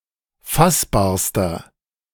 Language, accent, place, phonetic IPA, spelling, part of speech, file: German, Germany, Berlin, [ˈfasbaːɐ̯stɐ], fassbarster, adjective, De-fassbarster.ogg
- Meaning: inflection of fassbar: 1. strong/mixed nominative masculine singular superlative degree 2. strong genitive/dative feminine singular superlative degree 3. strong genitive plural superlative degree